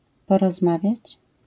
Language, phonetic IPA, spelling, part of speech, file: Polish, [ˌpɔrɔzˈmavʲjät͡ɕ], porozmawiać, verb, LL-Q809 (pol)-porozmawiać.wav